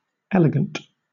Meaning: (adjective) 1. Characterised by or exhibiting elegance; having grace, refinement, or tasteful simplicity 2. Characterised by minimalism and intuitiveness while preserving exactness and precision
- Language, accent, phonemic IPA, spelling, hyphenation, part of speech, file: English, Southern England, /ˈɛləɡənt/, elegant, el‧e‧gant, adjective / noun, LL-Q1860 (eng)-elegant.wav